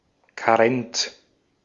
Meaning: 1. waiting period, grace period 2. abstinence 3. parental leave
- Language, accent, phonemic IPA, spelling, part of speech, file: German, Austria, /kaˈʁɛnt͡s/, Karenz, noun, De-at-Karenz.ogg